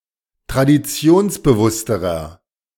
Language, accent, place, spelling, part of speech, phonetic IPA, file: German, Germany, Berlin, traditionsbewussterer, adjective, [tʁadiˈt͡si̯oːnsbəˌvʊstəʁɐ], De-traditionsbewussterer.ogg
- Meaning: inflection of traditionsbewusst: 1. strong/mixed nominative masculine singular comparative degree 2. strong genitive/dative feminine singular comparative degree